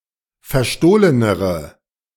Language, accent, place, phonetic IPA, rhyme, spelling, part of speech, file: German, Germany, Berlin, [fɛɐ̯ˈʃtoːlənəʁə], -oːlənəʁə, verstohlenere, adjective, De-verstohlenere.ogg
- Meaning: inflection of verstohlen: 1. strong/mixed nominative/accusative feminine singular comparative degree 2. strong nominative/accusative plural comparative degree